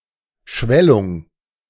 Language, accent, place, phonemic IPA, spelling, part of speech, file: German, Germany, Berlin, /ˈʃvɛlʊŋ/, Schwellung, noun, De-Schwellung.ogg
- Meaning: swelling